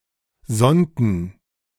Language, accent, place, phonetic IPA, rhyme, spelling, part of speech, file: German, Germany, Berlin, [ˈzɔntn̩], -ɔntn̩, sonnten, verb, De-sonnten.ogg
- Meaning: inflection of sonnen: 1. first/third-person plural preterite 2. first/third-person plural subjunctive II